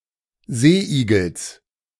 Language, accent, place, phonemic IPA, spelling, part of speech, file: German, Germany, Berlin, /ˈzeːʔiːɡl̩s/, Seeigels, noun, De-Seeigels.ogg
- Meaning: genitive of Seeigel